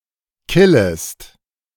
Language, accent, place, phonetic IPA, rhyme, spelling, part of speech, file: German, Germany, Berlin, [ˈkɪləst], -ɪləst, killest, verb, De-killest.ogg
- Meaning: second-person singular subjunctive I of killen